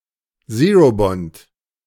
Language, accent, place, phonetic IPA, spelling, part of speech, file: German, Germany, Berlin, [ˈzeːʁoˌbɔnt], Zerobond, noun, De-Zerobond.ogg
- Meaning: zero coupon bond